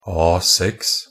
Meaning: A standard paper size, defined by ISO 216
- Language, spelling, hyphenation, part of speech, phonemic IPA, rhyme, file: Norwegian Bokmål, A6, A‧6, noun, /ˈɑːsɛks/, -ɛks, NB - Pronunciation of Norwegian Bokmål «A6».ogg